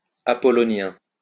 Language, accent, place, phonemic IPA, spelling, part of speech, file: French, France, Lyon, /a.pɔ.lɔ.njɛ̃/, apollonien, adjective, LL-Q150 (fra)-apollonien.wav
- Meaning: Apollonian